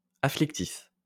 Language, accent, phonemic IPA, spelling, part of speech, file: French, France, /a.flik.tif/, afflictif, adjective, LL-Q150 (fra)-afflictif.wav
- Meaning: afflictive